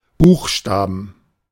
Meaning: plural of Buchstabe "letters (of the alphabet)"
- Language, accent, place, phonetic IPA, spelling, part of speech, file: German, Germany, Berlin, [ˈbuːxˌʃtaːbn̩], Buchstaben, noun, De-Buchstaben.ogg